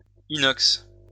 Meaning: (noun) stainless steel; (adjective) 1. stainless 2. made of stainless steel
- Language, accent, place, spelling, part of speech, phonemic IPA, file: French, France, Lyon, inox, noun / adjective, /i.nɔks/, LL-Q150 (fra)-inox.wav